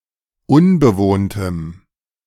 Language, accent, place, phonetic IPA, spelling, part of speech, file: German, Germany, Berlin, [ˈʊnbəˌvoːntəm], unbewohntem, adjective, De-unbewohntem.ogg
- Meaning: strong dative masculine/neuter singular of unbewohnt